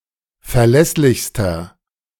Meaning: inflection of verlässlich: 1. strong/mixed nominative masculine singular superlative degree 2. strong genitive/dative feminine singular superlative degree 3. strong genitive plural superlative degree
- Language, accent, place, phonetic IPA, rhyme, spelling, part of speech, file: German, Germany, Berlin, [fɛɐ̯ˈlɛslɪçstɐ], -ɛslɪçstɐ, verlässlichster, adjective, De-verlässlichster.ogg